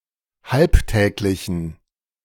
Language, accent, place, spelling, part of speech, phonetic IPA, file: German, Germany, Berlin, halbtäglichen, adjective, [ˈhalpˌtɛːklɪçn̩], De-halbtäglichen.ogg
- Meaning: inflection of halbtäglich: 1. strong genitive masculine/neuter singular 2. weak/mixed genitive/dative all-gender singular 3. strong/weak/mixed accusative masculine singular 4. strong dative plural